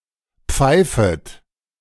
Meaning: second-person plural subjunctive I of pfeifen
- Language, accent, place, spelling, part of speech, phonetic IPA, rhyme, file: German, Germany, Berlin, pfeifet, verb, [ˈp͡faɪ̯fət], -aɪ̯fət, De-pfeifet.ogg